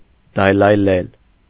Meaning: 1. to undulate, to trill (of the voice) 2. to sing, to chirp
- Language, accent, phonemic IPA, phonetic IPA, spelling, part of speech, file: Armenian, Eastern Armenian, /dɑjlɑjˈlel/, [dɑjlɑjlél], դայլայլել, verb, Hy-դայլայլել.ogg